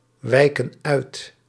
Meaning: inflection of uitwijken: 1. plural present indicative 2. plural present subjunctive
- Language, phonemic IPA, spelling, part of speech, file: Dutch, /ˈwɛikə(n) ˈœyt/, wijken uit, verb, Nl-wijken uit.ogg